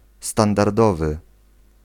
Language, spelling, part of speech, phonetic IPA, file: Polish, standardowy, adjective, [ˌstãndarˈdɔvɨ], Pl-standardowy.ogg